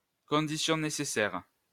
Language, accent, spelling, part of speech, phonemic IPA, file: French, France, condition nécessaire, noun, /kɔ̃.di.sjɔ̃ ne.se.sɛʁ/, LL-Q150 (fra)-condition nécessaire.wav
- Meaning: necessary condition